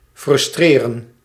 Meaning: to frustrate
- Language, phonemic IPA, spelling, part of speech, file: Dutch, /frʏsˈtreːrə(n)/, frustreren, verb, Nl-frustreren.ogg